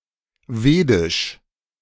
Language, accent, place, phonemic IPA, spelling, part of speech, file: German, Germany, Berlin, /ˈveːdɪʃ/, wedisch, adjective, De-wedisch.ogg
- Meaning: alternative form of vedisch